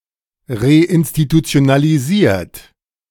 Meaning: 1. past participle of reinstitutionalisieren 2. inflection of reinstitutionalisieren: third-person singular present 3. inflection of reinstitutionalisieren: second-person plural present
- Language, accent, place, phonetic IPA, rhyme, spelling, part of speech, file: German, Germany, Berlin, [ʁeʔɪnstitut͡si̯onaliˈziːɐ̯t], -iːɐ̯t, reinstitutionalisiert, verb, De-reinstitutionalisiert.ogg